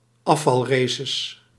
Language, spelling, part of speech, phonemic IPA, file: Dutch, afvalraces, noun, /ˈɑfɑlresəs/, Nl-afvalraces.ogg
- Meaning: plural of afvalrace